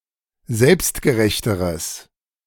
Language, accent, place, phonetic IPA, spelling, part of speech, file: German, Germany, Berlin, [ˈzɛlpstɡəˌʁɛçtəʁəs], selbstgerechteres, adjective, De-selbstgerechteres.ogg
- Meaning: strong/mixed nominative/accusative neuter singular comparative degree of selbstgerecht